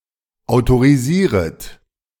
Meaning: second-person plural subjunctive I of autorisieren
- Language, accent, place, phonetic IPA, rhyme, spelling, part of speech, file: German, Germany, Berlin, [aʊ̯toʁiˈziːʁət], -iːʁət, autorisieret, verb, De-autorisieret.ogg